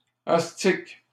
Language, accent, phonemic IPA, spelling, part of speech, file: French, Canada, /as.tik/, astic, noun, LL-Q150 (fra)-astic.wav
- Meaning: 1. a bone once used by cobblers to polish leather 2. any of various other polishing tools